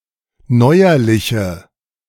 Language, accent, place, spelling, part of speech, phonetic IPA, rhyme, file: German, Germany, Berlin, neuerliche, adjective, [ˈnɔɪ̯ɐlɪçə], -ɔɪ̯ɐlɪçə, De-neuerliche.ogg
- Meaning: inflection of neuerlich: 1. strong/mixed nominative/accusative feminine singular 2. strong nominative/accusative plural 3. weak nominative all-gender singular